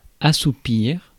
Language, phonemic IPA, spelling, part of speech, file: French, /a.su.piʁ/, assoupir, verb, Fr-assoupir.ogg
- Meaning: 1. to make drowsy 2. to lull, soften